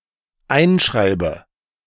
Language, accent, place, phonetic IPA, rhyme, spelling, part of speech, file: German, Germany, Berlin, [ˈaɪ̯nˌʃʁaɪ̯bə], -aɪ̯nʃʁaɪ̯bə, einschreibe, verb, De-einschreibe.ogg
- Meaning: inflection of einschreiben: 1. first-person singular dependent present 2. first/third-person singular dependent subjunctive I